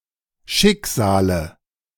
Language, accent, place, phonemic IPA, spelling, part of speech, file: German, Germany, Berlin, /ˈʃɪkzaːlə/, Schicksale, noun, De-Schicksale.ogg
- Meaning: 1. dative singular of Schicksal 2. nominative plural of Schicksal 3. genitive plural of Schicksal 4. accusative plural of Schicksal